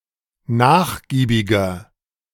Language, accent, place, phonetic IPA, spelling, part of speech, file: German, Germany, Berlin, [ˈnaːxˌɡiːbɪɡɐ], nachgiebiger, adjective, De-nachgiebiger.ogg
- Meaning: 1. comparative degree of nachgiebig 2. inflection of nachgiebig: strong/mixed nominative masculine singular 3. inflection of nachgiebig: strong genitive/dative feminine singular